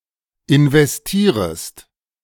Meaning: second-person singular subjunctive I of investieren
- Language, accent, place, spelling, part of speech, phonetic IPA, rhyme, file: German, Germany, Berlin, investierest, verb, [ɪnvɛsˈtiːʁəst], -iːʁəst, De-investierest.ogg